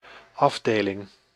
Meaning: 1. department, branch 2. section, part 3. regiment, army unit consisting of more than one battalions
- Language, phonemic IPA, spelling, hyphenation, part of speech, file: Dutch, /ˈɑvˌdeː.lɪŋ/, afdeling, af‧de‧ling, noun, Nl-afdeling.ogg